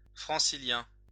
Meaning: of Île-de-France (region of France)
- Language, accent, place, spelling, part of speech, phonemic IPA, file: French, France, Lyon, francilien, adjective, /fʁɑ̃.si.ljɛ̃/, LL-Q150 (fra)-francilien.wav